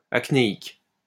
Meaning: acne
- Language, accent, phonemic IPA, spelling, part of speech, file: French, France, /ak.ne.ik/, acnéique, adjective, LL-Q150 (fra)-acnéique.wav